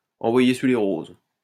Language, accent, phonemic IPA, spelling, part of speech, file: French, France, /ɑ̃.vwa.je syʁ le ʁoz/, envoyer sur les roses, verb, LL-Q150 (fra)-envoyer sur les roses.wav
- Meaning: to send someone packing